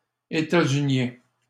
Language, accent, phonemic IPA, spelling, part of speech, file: French, Canada, /e.ta.zy.njɛ̃/, étatsuniens, adjective, LL-Q150 (fra)-étatsuniens.wav
- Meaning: masculine plural of étatsunien